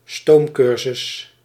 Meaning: a very short intensive educational course to prepare students for an exam or a subsequent course or education; a crash course
- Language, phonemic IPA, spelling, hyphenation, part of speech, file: Dutch, /ˈstoːmˌkʏr.zʏs/, stoomcursus, stoom‧cur‧sus, noun, Nl-stoomcursus.ogg